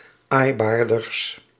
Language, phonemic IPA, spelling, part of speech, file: Dutch, /ˈajbardərs/, aaibaarders, adjective, Nl-aaibaarders.ogg
- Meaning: partitive of aaibaarder, the comparative degree of aaibaar